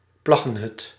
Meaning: a hut constructed of sods of peat
- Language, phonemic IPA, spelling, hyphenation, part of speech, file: Dutch, /ˈplɑ.ɣə(n)ˌɦʏt/, plaggenhut, plag‧gen‧hut, noun, Nl-plaggenhut.ogg